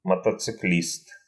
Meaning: motorcyclist
- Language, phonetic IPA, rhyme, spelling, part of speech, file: Russian, [mətət͡sɨˈklʲist], -ist, мотоциклист, noun, Ru-мотоциклист.ogg